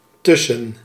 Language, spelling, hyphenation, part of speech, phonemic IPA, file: Dutch, tussen, tus‧sen, preposition, /ˈtʏsə(n)/, Nl-tussen.ogg
- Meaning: 1. between 2. among, amidst